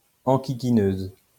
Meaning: female equivalent of enquiquineur
- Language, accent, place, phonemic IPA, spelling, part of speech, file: French, France, Lyon, /ɑ̃.ki.ki.nøz/, enquiquineuse, noun, LL-Q150 (fra)-enquiquineuse.wav